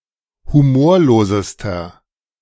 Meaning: inflection of humorlos: 1. strong/mixed nominative masculine singular superlative degree 2. strong genitive/dative feminine singular superlative degree 3. strong genitive plural superlative degree
- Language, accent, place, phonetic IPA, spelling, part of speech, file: German, Germany, Berlin, [huˈmoːɐ̯loːzəstɐ], humorlosester, adjective, De-humorlosester.ogg